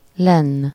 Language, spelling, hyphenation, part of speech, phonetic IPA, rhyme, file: Hungarian, lenn, lenn, adverb, [ˈlɛnː], -ɛnː, Hu-lenn.ogg
- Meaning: down